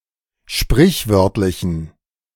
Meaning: inflection of sprichwörtlich: 1. strong genitive masculine/neuter singular 2. weak/mixed genitive/dative all-gender singular 3. strong/weak/mixed accusative masculine singular 4. strong dative plural
- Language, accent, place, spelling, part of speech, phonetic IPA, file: German, Germany, Berlin, sprichwörtlichen, adjective, [ˈʃpʁɪçˌvœʁtlɪçn̩], De-sprichwörtlichen.ogg